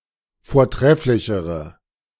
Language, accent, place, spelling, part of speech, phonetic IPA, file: German, Germany, Berlin, vortrefflichere, adjective, [foːɐ̯ˈtʁɛflɪçəʁə], De-vortrefflichere.ogg
- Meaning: inflection of vortrefflich: 1. strong/mixed nominative/accusative feminine singular comparative degree 2. strong nominative/accusative plural comparative degree